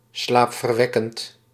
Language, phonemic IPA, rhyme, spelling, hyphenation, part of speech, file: Dutch, /ˌslaːp.vərˈʋɛ.kənt/, -ɛkənt, slaapverwekkend, slaap‧ver‧wek‧kend, adjective, Nl-slaapverwekkend.ogg
- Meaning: 1. soporific, inducing sleep 2. soporific, incredibly boring